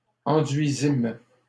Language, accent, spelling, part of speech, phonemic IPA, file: French, Canada, enduisîmes, verb, /ɑ̃.dɥi.zim/, LL-Q150 (fra)-enduisîmes.wav
- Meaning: first-person plural past historic of enduire